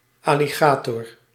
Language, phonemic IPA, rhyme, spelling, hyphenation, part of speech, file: Dutch, /ˌɑ.liˈɣaː.tɔr/, -aːtɔr, alligator, al‧li‧ga‧tor, noun, Nl-alligator.ogg
- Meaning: alligator, crocodilian of the genus Alligator